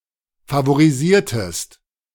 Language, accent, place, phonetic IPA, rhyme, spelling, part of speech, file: German, Germany, Berlin, [favoʁiˈziːɐ̯təst], -iːɐ̯təst, favorisiertest, verb, De-favorisiertest.ogg
- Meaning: inflection of favorisieren: 1. second-person singular preterite 2. second-person singular subjunctive II